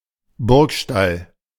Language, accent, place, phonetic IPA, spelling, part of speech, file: German, Germany, Berlin, [ˈbʊʁkˌʃtal], Burgstall, noun, De-Burgstall.ogg
- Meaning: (noun) A site where a castle once stood, but of which almost nothing is left; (proper noun) 1. a municipality of Saxony-Anhalt, Germany 2. a municipality of South Tyrol